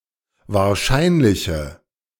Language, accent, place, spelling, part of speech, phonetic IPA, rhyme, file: German, Germany, Berlin, wahrscheinliche, adjective, [vaːɐ̯ˈʃaɪ̯nlɪçə], -aɪ̯nlɪçə, De-wahrscheinliche.ogg
- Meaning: inflection of wahrscheinlich: 1. strong/mixed nominative/accusative feminine singular 2. strong nominative/accusative plural 3. weak nominative all-gender singular